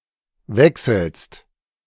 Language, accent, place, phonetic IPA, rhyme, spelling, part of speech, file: German, Germany, Berlin, [ˈvɛksl̩st], -ɛksl̩st, wechselst, verb, De-wechselst.ogg
- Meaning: second-person singular present of wechseln